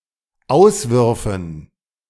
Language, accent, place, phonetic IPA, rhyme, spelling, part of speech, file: German, Germany, Berlin, [ˈaʊ̯sˌvʏʁfn̩], -aʊ̯svʏʁfn̩, auswürfen, verb, De-auswürfen.ogg
- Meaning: first/third-person plural dependent subjunctive II of auswerfen